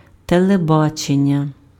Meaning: television (medium)
- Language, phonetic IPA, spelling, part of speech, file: Ukrainian, [teɫeˈbat͡ʃenʲːɐ], телебачення, noun, Uk-телебачення.ogg